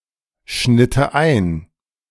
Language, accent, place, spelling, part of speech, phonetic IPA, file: German, Germany, Berlin, schnitte ein, verb, [ˌʃnɪtə ˈaɪ̯n], De-schnitte ein.ogg
- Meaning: first/third-person singular subjunctive II of einschneiden